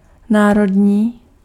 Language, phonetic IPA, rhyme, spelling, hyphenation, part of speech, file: Czech, [ˈnaːrodɲiː], -odɲiː, národní, ná‧rod‧ní, adjective, Cs-národní.ogg
- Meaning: national